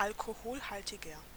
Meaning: inflection of alkoholhaltig: 1. strong/mixed nominative masculine singular 2. strong genitive/dative feminine singular 3. strong genitive plural
- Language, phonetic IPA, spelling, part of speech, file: German, [ˈalkohoːlhaltɪɡɐ], alkoholhaltiger, adjective, De-alkoholhaltiger.ogg